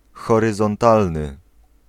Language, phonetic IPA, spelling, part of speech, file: Polish, [ˌxɔrɨzɔ̃nˈtalnɨ], horyzontalny, adjective, Pl-horyzontalny.ogg